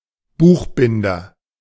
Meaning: bookbinder (of male or unspecified sex)
- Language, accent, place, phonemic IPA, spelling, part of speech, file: German, Germany, Berlin, /ˈbuːxbɪndɐ/, Buchbinder, noun, De-Buchbinder.ogg